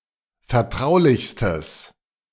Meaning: strong/mixed nominative/accusative neuter singular superlative degree of vertraulich
- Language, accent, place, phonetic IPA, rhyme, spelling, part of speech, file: German, Germany, Berlin, [fɛɐ̯ˈtʁaʊ̯lɪçstəs], -aʊ̯lɪçstəs, vertraulichstes, adjective, De-vertraulichstes.ogg